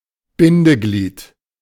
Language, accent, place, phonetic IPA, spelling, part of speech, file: German, Germany, Berlin, [ˈbɪndəˌɡliːt], Bindeglied, noun, De-Bindeglied.ogg
- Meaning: connecting part, joiner, copula, link